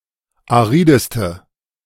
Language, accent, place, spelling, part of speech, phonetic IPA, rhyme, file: German, Germany, Berlin, arideste, adjective, [aˈʁiːdəstə], -iːdəstə, De-arideste.ogg
- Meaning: inflection of arid: 1. strong/mixed nominative/accusative feminine singular superlative degree 2. strong nominative/accusative plural superlative degree